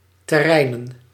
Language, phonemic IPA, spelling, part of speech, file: Dutch, /təˈrɛinə(n)/, terreinen, noun, Nl-terreinen.ogg
- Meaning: plural of terrein